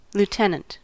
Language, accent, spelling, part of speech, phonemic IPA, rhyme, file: English, US, lieutenant, noun / adjective, /l(j)uˈtɛn.ənt/, -ɛnənt, En-us-lieutenant.ogg